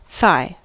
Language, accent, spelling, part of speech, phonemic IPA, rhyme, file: English, US, thigh, noun, /θaɪ/, -aɪ, En-us-thigh.ogg
- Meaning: The upper leg of a human, between the hip and the knee